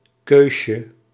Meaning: diminutive of keus
- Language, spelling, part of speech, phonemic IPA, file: Dutch, keusje, noun, /ˈkøʃə/, Nl-keusje.ogg